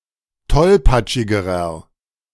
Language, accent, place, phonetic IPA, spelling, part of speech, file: German, Germany, Berlin, [ˈtɔlpat͡ʃɪɡəʁɐ], tollpatschigerer, adjective, De-tollpatschigerer.ogg
- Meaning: inflection of tollpatschig: 1. strong/mixed nominative masculine singular comparative degree 2. strong genitive/dative feminine singular comparative degree 3. strong genitive plural comparative degree